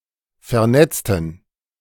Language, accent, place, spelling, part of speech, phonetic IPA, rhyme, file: German, Germany, Berlin, vernetzten, adjective / verb, [fɛɐ̯ˈnɛt͡stn̩], -ɛt͡stn̩, De-vernetzten.ogg
- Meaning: inflection of vernetzen: 1. first/third-person plural preterite 2. first/third-person plural subjunctive II